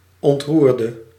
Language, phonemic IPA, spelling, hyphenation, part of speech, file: Dutch, /ˌɔntˈrur.də/, ontroerde, ont‧roer‧de, verb, Nl-ontroerde.ogg
- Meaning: 1. inflection of ontroeren: singular past indicative 2. inflection of ontroeren: singular past subjunctive 3. inflection of ontroerd: masculine/feminine singular attributive